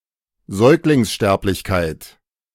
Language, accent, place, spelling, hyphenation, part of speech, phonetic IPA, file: German, Germany, Berlin, Säuglingssterblichkeit, Säug‧lings‧sterb‧lich‧keit, noun, [ˈzɔɪ̯klɪŋsˌʃtɛɐ̯plɪçkaɪ̯tʰ], De-Säuglingssterblichkeit.ogg
- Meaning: infant mortality